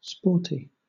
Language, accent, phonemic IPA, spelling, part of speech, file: English, Southern England, /ˈspɔːti/, sporty, adjective, LL-Q1860 (eng)-sporty.wav
- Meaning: 1. Fond of sports 2. Suitable for use in sport 3. stylish with a fun, bold, vibrant quality or appearance